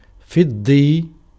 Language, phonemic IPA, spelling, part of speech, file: Arabic, /fidˤ.dˤijj/, فضي, adjective, Ar-فضي.ogg
- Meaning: related to silver